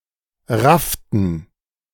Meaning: inflection of raffen: 1. first/third-person plural preterite 2. first/third-person plural subjunctive II
- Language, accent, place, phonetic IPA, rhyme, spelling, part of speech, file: German, Germany, Berlin, [ˈʁaftn̩], -aftn̩, rafften, verb, De-rafften.ogg